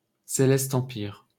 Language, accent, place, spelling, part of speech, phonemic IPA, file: French, France, Paris, Céleste-Empire, proper noun, /se.lɛs.tɑ̃.piʁ/, LL-Q150 (fra)-Céleste-Empire.wav
- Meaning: Celestial Empire (China)